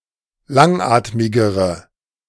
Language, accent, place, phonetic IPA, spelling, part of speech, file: German, Germany, Berlin, [ˈlaŋˌʔaːtmɪɡəʁə], langatmigere, adjective, De-langatmigere.ogg
- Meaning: inflection of langatmig: 1. strong/mixed nominative/accusative feminine singular comparative degree 2. strong nominative/accusative plural comparative degree